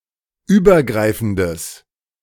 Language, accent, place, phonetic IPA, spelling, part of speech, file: German, Germany, Berlin, [ˈyːbɐˌɡʁaɪ̯fn̩dəs], übergreifendes, adjective, De-übergreifendes.ogg
- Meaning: strong/mixed nominative/accusative neuter singular of übergreifend